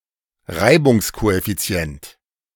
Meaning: coefficient of friction
- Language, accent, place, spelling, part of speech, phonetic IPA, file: German, Germany, Berlin, Reibungskoeffizient, noun, [ˈʁaɪ̯bʊŋskoʔɛfiˌt͡si̯ɛnt], De-Reibungskoeffizient.ogg